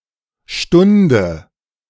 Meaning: inflection of stunden: 1. first-person singular present 2. first/third-person singular subjunctive I 3. singular imperative
- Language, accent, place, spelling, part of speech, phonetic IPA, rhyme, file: German, Germany, Berlin, stunde, verb, [ˈʃtʊndə], -ʊndə, De-stunde.ogg